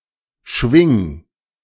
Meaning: 1. singular imperative of schwingen 2. first-person singular present of schwingen
- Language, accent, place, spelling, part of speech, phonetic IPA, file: German, Germany, Berlin, schwing, verb, [ʃvɪŋ], De-schwing.ogg